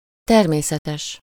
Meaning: natural (not artificial)
- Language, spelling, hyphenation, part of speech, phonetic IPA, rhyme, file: Hungarian, természetes, ter‧mé‧sze‧tes, adjective, [ˈtɛrmeːsɛtɛʃ], -ɛʃ, Hu-természetes.ogg